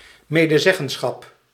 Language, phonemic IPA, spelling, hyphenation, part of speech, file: Dutch, /ˌmeː.dəˈzɛ.ɣə(n).sxɑp/, medezeggenschap, me‧de‧zeg‧gen‧schap, noun, Nl-medezeggenschap.ogg
- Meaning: codetermination (as of employees at an organisation or students at an institution of higher education)